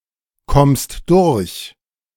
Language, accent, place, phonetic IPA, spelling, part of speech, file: German, Germany, Berlin, [ˌkɔmst ˈdʊʁç], kommst durch, verb, De-kommst durch.ogg
- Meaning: second-person singular present of durchkommen